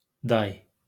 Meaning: colt, foal
- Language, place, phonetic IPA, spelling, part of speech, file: Azerbaijani, Baku, [dɑj], day, noun, LL-Q9292 (aze)-day.wav